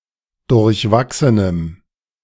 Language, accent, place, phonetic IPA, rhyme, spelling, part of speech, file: German, Germany, Berlin, [dʊʁçˈvaksənəm], -aksənəm, durchwachsenem, adjective, De-durchwachsenem.ogg
- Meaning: strong dative masculine/neuter singular of durchwachsen